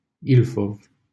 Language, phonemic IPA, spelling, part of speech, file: Romanian, /ˈilfov/, Ilfov, proper noun, LL-Q7913 (ron)-Ilfov.wav
- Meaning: 1. Ilfov (a river in Romania) 2. Ilfov (a county of Romania)